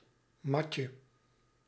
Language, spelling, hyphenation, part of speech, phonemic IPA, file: Dutch, matje, mat‧je, noun, /ˈmɑ.tjə/, Nl-matje.ogg
- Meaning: diminutive of mat